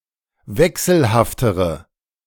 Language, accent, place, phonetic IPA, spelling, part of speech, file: German, Germany, Berlin, [ˈvɛksl̩haftəʁə], wechselhaftere, adjective, De-wechselhaftere.ogg
- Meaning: inflection of wechselhaft: 1. strong/mixed nominative/accusative feminine singular comparative degree 2. strong nominative/accusative plural comparative degree